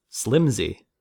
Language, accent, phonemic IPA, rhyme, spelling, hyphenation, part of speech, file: English, General American, /ˈslɪmzi/, -ɪmzi, slimsy, slim‧sy, adjective, En-us-slimsy.ogg
- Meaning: flimsy; frail